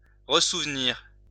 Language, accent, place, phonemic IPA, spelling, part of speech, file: French, France, Lyon, /ʁə.suv.niʁ/, ressouvenir, verb, LL-Q150 (fra)-ressouvenir.wav
- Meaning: to remember, recall